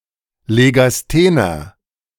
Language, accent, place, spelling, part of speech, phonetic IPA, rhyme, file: German, Germany, Berlin, legasthener, adjective, [leɡasˈteːnɐ], -eːnɐ, De-legasthener.ogg
- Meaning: inflection of legasthen: 1. strong/mixed nominative masculine singular 2. strong genitive/dative feminine singular 3. strong genitive plural